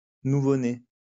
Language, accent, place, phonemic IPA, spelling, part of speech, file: French, France, Lyon, /nu.vo.ne/, nouveau-né, adjective / noun, LL-Q150 (fra)-nouveau-né.wav
- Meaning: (adjective) newborn